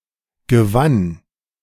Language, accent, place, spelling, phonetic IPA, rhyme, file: German, Germany, Berlin, gewann, [ɡəˈvan], -an, De-gewann.ogg
- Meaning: first/third-person singular preterite of gewinnen